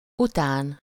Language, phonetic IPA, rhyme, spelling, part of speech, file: Hungarian, [ˈutaːn], -aːn, után, postposition, Hu-után.ogg
- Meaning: 1. after (following or subsequently to; in space) 2. after (in time)